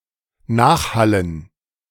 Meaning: to reverberate
- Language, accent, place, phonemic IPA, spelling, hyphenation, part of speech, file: German, Germany, Berlin, /ˈnaːxˌhalən/, nachhallen, nach‧hal‧len, verb, De-nachhallen.ogg